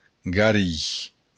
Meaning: to heal, to cure
- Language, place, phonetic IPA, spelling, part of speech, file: Occitan, Béarn, [ɡaˈri], garir, verb, LL-Q14185 (oci)-garir.wav